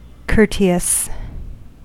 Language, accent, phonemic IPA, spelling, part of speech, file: English, US, /ˈkɝti.əs/, courteous, adjective, En-us-courteous.ogg
- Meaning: Showing regard or thought for others; especially, displaying good manners or etiquette